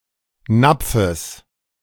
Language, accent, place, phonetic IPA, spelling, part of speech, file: German, Germany, Berlin, [ˈnap͡fəs], Napfes, noun, De-Napfes.ogg
- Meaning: genitive singular of Napf